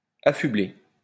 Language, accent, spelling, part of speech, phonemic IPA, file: French, France, affublé, verb, /a.fy.ble/, LL-Q150 (fra)-affublé.wav
- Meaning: past participle of affubler